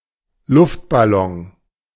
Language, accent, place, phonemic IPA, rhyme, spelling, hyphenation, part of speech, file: German, Germany, Berlin, /ˈlʊftbaˌlɔŋ/, -ɔŋ, Luftballon, Luft‧bal‧lon, noun, De-Luftballon.ogg
- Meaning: 1. balloon 2. the constellation Globus aerostaticus